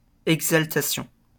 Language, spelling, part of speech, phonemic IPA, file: French, exaltation, noun, /ɛɡ.zal.ta.sjɔ̃/, LL-Q150 (fra)-exaltation.wav
- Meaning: exaltation